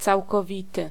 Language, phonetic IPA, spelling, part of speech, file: Polish, [ˌt͡sawkɔˈvʲitɨ], całkowity, adjective, Pl-całkowity.ogg